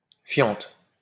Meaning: droppings
- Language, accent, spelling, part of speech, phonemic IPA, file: French, France, fiente, noun, /fjɑ̃t/, LL-Q150 (fra)-fiente.wav